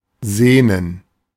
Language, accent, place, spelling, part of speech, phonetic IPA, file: German, Germany, Berlin, sehnen, verb, [ˈzeːnən], De-sehnen.ogg
- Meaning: to yearn, to long